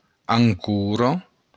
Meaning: anchor (tool to hook a vessel into sea bottom)
- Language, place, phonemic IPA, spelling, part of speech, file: Occitan, Béarn, /aŋˈku.rɒ/, ancora, noun, LL-Q14185 (oci)-ancora.wav